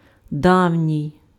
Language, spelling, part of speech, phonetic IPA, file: Ukrainian, давній, adjective, [ˈdau̯nʲii̯], Uk-давній.ogg
- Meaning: old, ancient, age-old, distant, bygone